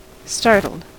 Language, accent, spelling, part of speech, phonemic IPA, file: English, US, startled, adjective / verb, /ˈstɑɹt.l̩d/, En-us-startled.ogg
- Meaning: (adjective) Surprised and slightly frightened; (verb) simple past and past participle of startle